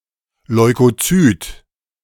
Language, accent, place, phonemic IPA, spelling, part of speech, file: German, Germany, Berlin, /lɔɪ̯koˈtsyːt/, Leukozyt, noun, De-Leukozyt.ogg
- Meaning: leukocyte (a white blood cell)